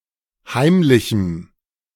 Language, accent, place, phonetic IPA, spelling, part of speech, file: German, Germany, Berlin, [ˈhaɪ̯mlɪçm̩], heimlichem, adjective, De-heimlichem.ogg
- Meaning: strong dative masculine/neuter singular of heimlich